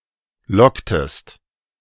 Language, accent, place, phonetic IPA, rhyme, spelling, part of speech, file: German, Germany, Berlin, [ˈlɔktəst], -ɔktəst, locktest, verb, De-locktest.ogg
- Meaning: inflection of locken: 1. second-person singular preterite 2. second-person singular subjunctive II